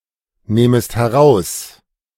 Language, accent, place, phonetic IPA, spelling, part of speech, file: German, Germany, Berlin, [ˌnɛːməst hɛˈʁaʊ̯s], nähmest heraus, verb, De-nähmest heraus.ogg
- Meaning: second-person singular subjunctive II of herausnehmen